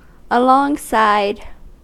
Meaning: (adverb) Along the side; by the side; side by side; abreast; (preposition) 1. Side by side with 2. Together with or at the same time
- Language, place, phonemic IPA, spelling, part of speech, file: English, California, /əˌlɔŋˈsaɪd/, alongside, adverb / preposition, En-us-alongside.ogg